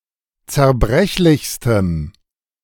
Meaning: strong dative masculine/neuter singular superlative degree of zerbrechlich
- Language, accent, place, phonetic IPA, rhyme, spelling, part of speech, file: German, Germany, Berlin, [t͡sɛɐ̯ˈbʁɛçlɪçstəm], -ɛçlɪçstəm, zerbrechlichstem, adjective, De-zerbrechlichstem.ogg